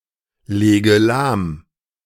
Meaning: inflection of lahmlegen: 1. first-person singular present 2. first/third-person singular subjunctive I 3. singular imperative
- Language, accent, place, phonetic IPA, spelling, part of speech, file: German, Germany, Berlin, [ˌleːɡə ˈlaːm], lege lahm, verb, De-lege lahm.ogg